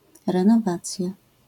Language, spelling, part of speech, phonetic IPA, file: Polish, renowacja, noun, [ˌrɛ̃nɔˈvat͡sʲja], LL-Q809 (pol)-renowacja.wav